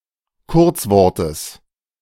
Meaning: genitive singular of Kurzwort
- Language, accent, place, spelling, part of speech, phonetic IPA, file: German, Germany, Berlin, Kurzwortes, noun, [ˈkʊʁt͡sˌvɔʁtəs], De-Kurzwortes.ogg